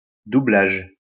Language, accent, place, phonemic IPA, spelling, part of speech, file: French, France, Lyon, /du.blaʒ/, doublage, noun, LL-Q150 (fra)-doublage.wav
- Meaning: 1. dubbing 2. a penalty by which, on completion of a sentence, a prisoner was required to remain at the penal colony as an employee for a further period of time equivalent to the original sentence